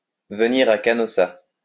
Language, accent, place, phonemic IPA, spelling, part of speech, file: French, France, Lyon, /və.ni.ʁ‿a ka.nɔ.sa/, venir à Canossa, verb, LL-Q150 (fra)-venir à Canossa.wav
- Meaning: alternative form of aller à Canossa